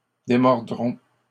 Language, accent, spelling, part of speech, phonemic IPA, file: French, Canada, démordront, verb, /de.mɔʁ.dʁɔ̃/, LL-Q150 (fra)-démordront.wav
- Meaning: third-person plural simple future of démordre